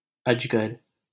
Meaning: 1. python (a type of large snake) 2. Large snakes like anaconda, boa constrictors etc 3. a ponderous or unwieldy object
- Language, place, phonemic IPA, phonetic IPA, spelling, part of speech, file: Hindi, Delhi, /əd͡ʒ.ɡəɾ/, [ɐd͡ʒ.ɡɐɾ], अजगर, noun, LL-Q1568 (hin)-अजगर.wav